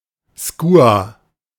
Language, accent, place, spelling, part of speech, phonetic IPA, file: German, Germany, Berlin, Skua, noun, [ˈskuːa], De-Skua.ogg
- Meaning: skua, jaeger